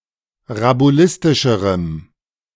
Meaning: strong dative masculine/neuter singular comparative degree of rabulistisch
- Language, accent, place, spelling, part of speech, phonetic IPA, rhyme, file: German, Germany, Berlin, rabulistischerem, adjective, [ʁabuˈlɪstɪʃəʁəm], -ɪstɪʃəʁəm, De-rabulistischerem.ogg